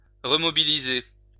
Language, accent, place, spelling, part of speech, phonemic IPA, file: French, France, Lyon, remobiliser, verb, /ʁə.mɔ.bi.li.ze/, LL-Q150 (fra)-remobiliser.wav
- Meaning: to remobilize